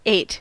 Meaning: 1. simple past of eat 2. past participle of eat
- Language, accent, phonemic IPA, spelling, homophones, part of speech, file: English, US, /eɪt/, ate, ait / eight / eyot, verb, En-us-ate.ogg